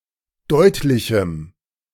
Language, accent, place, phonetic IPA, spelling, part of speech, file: German, Germany, Berlin, [ˈdɔɪ̯tlɪçm̩], deutlichem, adjective, De-deutlichem.ogg
- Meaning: strong dative masculine/neuter singular of deutlich